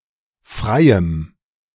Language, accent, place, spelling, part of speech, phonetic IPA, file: German, Germany, Berlin, freiem, adjective, [ˈfʁaɪ̯əm], De-freiem.ogg
- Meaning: strong dative masculine/neuter singular of frei